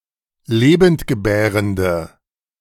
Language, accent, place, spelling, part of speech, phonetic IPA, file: German, Germany, Berlin, lebendgebärende, adjective, [ˈleːbəntɡəˌbɛːʁəndə], De-lebendgebärende.ogg
- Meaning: inflection of lebendgebärend: 1. strong/mixed nominative/accusative feminine singular 2. strong nominative/accusative plural 3. weak nominative all-gender singular